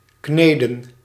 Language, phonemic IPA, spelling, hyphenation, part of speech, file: Dutch, /ˈkneː.də(n)/, kneden, kne‧den, verb, Nl-kneden.ogg
- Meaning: to knead